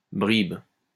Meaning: 1. crumb (of bread) 2. scrap, bit
- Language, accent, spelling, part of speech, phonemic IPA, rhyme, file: French, France, bribe, noun, /bʁib/, -ib, LL-Q150 (fra)-bribe.wav